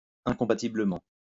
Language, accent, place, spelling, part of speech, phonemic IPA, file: French, France, Lyon, incompatiblement, adverb, /ɛ̃.kɔ̃.pa.ti.blə.mɑ̃/, LL-Q150 (fra)-incompatiblement.wav
- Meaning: incompatibly